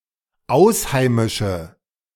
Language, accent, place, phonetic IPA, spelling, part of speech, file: German, Germany, Berlin, [ˈaʊ̯sˌhaɪ̯mɪʃə], ausheimische, adjective, De-ausheimische.ogg
- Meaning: inflection of ausheimisch: 1. strong/mixed nominative/accusative feminine singular 2. strong nominative/accusative plural 3. weak nominative all-gender singular